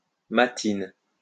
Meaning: matins (morning prayers)
- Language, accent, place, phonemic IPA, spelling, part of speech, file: French, France, Lyon, /ma.tin/, matines, noun, LL-Q150 (fra)-matines.wav